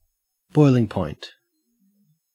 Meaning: 1. The temperature at which a liquid boils, with the vapor pressure equal to the given external pressure 2. The state of being heated, with high aggression
- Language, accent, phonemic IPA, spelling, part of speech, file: English, Australia, /ˈbɔɪlɪŋ ˌpɔɪnt/, boiling point, noun, En-au-boiling point.ogg